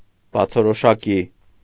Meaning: obviously, clearly, evidently
- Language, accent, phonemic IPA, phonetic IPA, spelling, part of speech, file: Armenian, Eastern Armenian, /bɑt͡sʰoɾoʃɑˈki/, [bɑt͡sʰoɾoʃɑkí], բացորոշակի, adverb, Hy-բացորոշակի.ogg